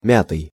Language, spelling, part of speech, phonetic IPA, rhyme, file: Russian, мятый, verb / adjective, [ˈmʲatɨj], -atɨj, Ru-мятый.ogg
- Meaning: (verb) past passive imperfective participle of мять (mjatʹ); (adjective) 1. creased 2. rumpled, crumpled 3. crushed, flattened 4. weary, exhausted